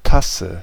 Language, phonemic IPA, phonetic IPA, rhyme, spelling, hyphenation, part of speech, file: German, /ˈtasə/, [ˈtʰa.sə], -asə, Tasse, Tas‧se, noun, De-Tasse.ogg
- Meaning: cup, mug (drinking vessel)